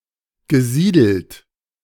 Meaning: past participle of siedeln
- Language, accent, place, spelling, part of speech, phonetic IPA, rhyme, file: German, Germany, Berlin, gesiedelt, verb, [ɡəˈziːdl̩t], -iːdl̩t, De-gesiedelt.ogg